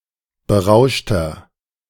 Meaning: 1. comparative degree of berauscht 2. inflection of berauscht: strong/mixed nominative masculine singular 3. inflection of berauscht: strong genitive/dative feminine singular
- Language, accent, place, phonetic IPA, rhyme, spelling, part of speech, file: German, Germany, Berlin, [bəˈʁaʊ̯ʃtɐ], -aʊ̯ʃtɐ, berauschter, adjective, De-berauschter.ogg